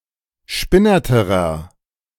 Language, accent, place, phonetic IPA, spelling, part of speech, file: German, Germany, Berlin, [ˈʃpɪnɐtəʁɐ], spinnerterer, adjective, De-spinnerterer.ogg
- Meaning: inflection of spinnert: 1. strong/mixed nominative masculine singular comparative degree 2. strong genitive/dative feminine singular comparative degree 3. strong genitive plural comparative degree